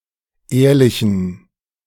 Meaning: inflection of ehrlich: 1. strong genitive masculine/neuter singular 2. weak/mixed genitive/dative all-gender singular 3. strong/weak/mixed accusative masculine singular 4. strong dative plural
- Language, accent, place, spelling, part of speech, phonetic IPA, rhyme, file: German, Germany, Berlin, ehrlichen, adjective, [ˈeːɐ̯lɪçn̩], -eːɐ̯lɪçn̩, De-ehrlichen.ogg